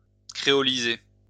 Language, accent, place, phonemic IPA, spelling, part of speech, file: French, France, Lyon, /kʁe.ɔ.li.ze/, créoliser, verb, LL-Q150 (fra)-créoliser.wav
- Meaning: to creolize